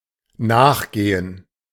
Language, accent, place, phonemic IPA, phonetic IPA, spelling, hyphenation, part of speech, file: German, Germany, Berlin, /ˈnaːxˌɡeːən/, [ˈnaːχˌɡ̊eːən], nachgehen, nach‧ge‧hen, verb, De-nachgehen.ogg
- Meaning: 1. to follow, to pursue 2. to run slow (of a clock) 3. to investigate, to follow up